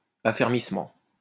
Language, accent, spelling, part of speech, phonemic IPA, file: French, France, affermissement, noun, /a.fɛʁ.mis.mɑ̃/, LL-Q150 (fra)-affermissement.wav
- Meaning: consolidation